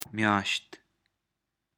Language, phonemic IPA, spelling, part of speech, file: Pashto, /mjɑʃt̪/, مياشت, noun, مياشت.ogg
- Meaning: month